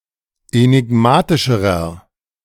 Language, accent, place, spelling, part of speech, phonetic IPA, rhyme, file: German, Germany, Berlin, enigmatischerer, adjective, [enɪˈɡmaːtɪʃəʁɐ], -aːtɪʃəʁɐ, De-enigmatischerer.ogg
- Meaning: inflection of enigmatisch: 1. strong/mixed nominative masculine singular comparative degree 2. strong genitive/dative feminine singular comparative degree 3. strong genitive plural comparative degree